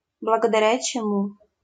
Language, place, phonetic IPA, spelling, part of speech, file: Russian, Saint Petersburg, [bɫəɡədɐˈrʲa t͡ɕɪˈmu], благодаря чему, conjunction, LL-Q7737 (rus)-благодаря чему.wav
- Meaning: so (has a literary sense), thus, thereby